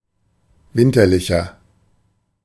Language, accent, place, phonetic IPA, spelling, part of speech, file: German, Germany, Berlin, [ˈvɪntɐlɪçɐ], winterlicher, adjective, De-winterlicher.ogg
- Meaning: 1. comparative degree of winterlich 2. inflection of winterlich: strong/mixed nominative masculine singular 3. inflection of winterlich: strong genitive/dative feminine singular